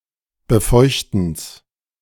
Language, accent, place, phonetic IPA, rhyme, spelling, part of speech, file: German, Germany, Berlin, [bəˈfɔɪ̯çtn̩s], -ɔɪ̯çtn̩s, Befeuchtens, noun, De-Befeuchtens.ogg
- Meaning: genitive of Befeuchten